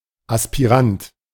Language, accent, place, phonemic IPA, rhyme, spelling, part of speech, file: German, Germany, Berlin, /aspiˈʁant/, -ant, Aspirant, noun, De-Aspirant.ogg
- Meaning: aspirant